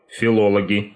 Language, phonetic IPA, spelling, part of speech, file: Russian, [fʲɪˈɫoɫəɡʲɪ], филологи, noun, Ru-филологи.ogg
- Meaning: nominative plural of фило́лог (filólog)